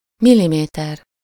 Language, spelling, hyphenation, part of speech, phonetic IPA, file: Hungarian, milliméter, mil‧li‧mé‧ter, noun, [ˈmilimeːtɛr], Hu-milliméter.ogg
- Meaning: millimetre (UK), millimeter (US)